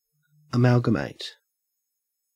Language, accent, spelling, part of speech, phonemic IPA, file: English, Australia, amalgamate, verb / adjective / noun, /əˈmælɡəˌmeɪt/, En-au-amalgamate.ogg
- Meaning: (verb) 1. To merge, to combine, to blend, to join 2. To make an alloy of a metal and mercury 3. To combine (free groups) by identifying respective isomorphic subgroups